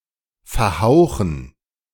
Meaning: to go out (of light)
- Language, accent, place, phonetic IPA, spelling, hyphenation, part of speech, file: German, Germany, Berlin, [fɛɐ̯ˈhaʊ̯xn̩], verhauchen, ver‧hau‧chen, verb, De-verhauchen.ogg